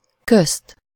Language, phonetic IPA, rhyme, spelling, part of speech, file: Hungarian, [ˈkøst], -øst, közt, postposition / noun, Hu-közt.ogg
- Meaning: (postposition) alternative form of között; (noun) accusative singular of köz